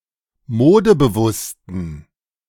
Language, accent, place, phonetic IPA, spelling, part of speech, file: German, Germany, Berlin, [ˈmoːdəbəˌvʊstn̩], modebewussten, adjective, De-modebewussten.ogg
- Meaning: inflection of modebewusst: 1. strong genitive masculine/neuter singular 2. weak/mixed genitive/dative all-gender singular 3. strong/weak/mixed accusative masculine singular 4. strong dative plural